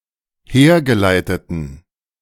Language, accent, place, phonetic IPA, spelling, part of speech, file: German, Germany, Berlin, [ˈheːɐ̯ɡəˌlaɪ̯tətn̩], hergeleiteten, adjective, De-hergeleiteten.ogg
- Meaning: inflection of hergeleitet: 1. strong genitive masculine/neuter singular 2. weak/mixed genitive/dative all-gender singular 3. strong/weak/mixed accusative masculine singular 4. strong dative plural